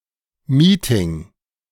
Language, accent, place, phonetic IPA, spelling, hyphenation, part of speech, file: German, Germany, Berlin, [ˈmiːtɪŋ], Meeting, Mee‧ting, noun, De-Meeting.ogg
- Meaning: a business meeting; a scheduled formal meeting for a specific purpose or with an agenda